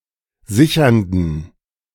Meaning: inflection of sichernd: 1. strong genitive masculine/neuter singular 2. weak/mixed genitive/dative all-gender singular 3. strong/weak/mixed accusative masculine singular 4. strong dative plural
- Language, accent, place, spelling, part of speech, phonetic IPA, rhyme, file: German, Germany, Berlin, sichernden, adjective, [ˈzɪçɐndn̩], -ɪçɐndn̩, De-sichernden.ogg